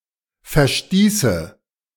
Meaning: first/third-person singular subjunctive II of verstoßen
- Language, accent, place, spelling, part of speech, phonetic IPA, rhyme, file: German, Germany, Berlin, verstieße, verb, [fɛɐ̯ˈʃtiːsə], -iːsə, De-verstieße.ogg